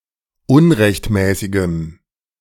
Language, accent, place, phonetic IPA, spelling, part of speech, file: German, Germany, Berlin, [ˈʊnʁɛçtˌmɛːsɪɡəm], unrechtmäßigem, adjective, De-unrechtmäßigem.ogg
- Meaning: strong dative masculine/neuter singular of unrechtmäßig